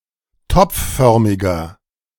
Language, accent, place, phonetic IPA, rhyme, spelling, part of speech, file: German, Germany, Berlin, [ˈtɔp͡fˌfœʁmɪɡɐ], -ɔp͡ffœʁmɪɡɐ, topfförmiger, adjective, De-topfförmiger.ogg
- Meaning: inflection of topfförmig: 1. strong/mixed nominative masculine singular 2. strong genitive/dative feminine singular 3. strong genitive plural